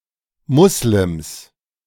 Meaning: 1. genitive singular of Muslim 2. plural of Muslim
- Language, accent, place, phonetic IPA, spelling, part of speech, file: German, Germany, Berlin, [ˈmʊslɪms], Muslims, noun, De-Muslims.ogg